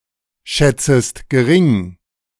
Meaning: 1. second-person singular subjunctive I of geringschätzen 2. second-person singular subjunctive I of gering schätzen
- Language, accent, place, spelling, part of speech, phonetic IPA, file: German, Germany, Berlin, schätzest gering, verb, [ˌʃɛt͡səst ɡəˈʁɪŋ], De-schätzest gering.ogg